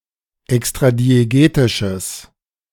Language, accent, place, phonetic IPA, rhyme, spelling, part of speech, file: German, Germany, Berlin, [ɛkstʁadieˈɡeːtɪʃəs], -eːtɪʃəs, extradiegetisches, adjective, De-extradiegetisches.ogg
- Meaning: strong/mixed nominative/accusative neuter singular of extradiegetisch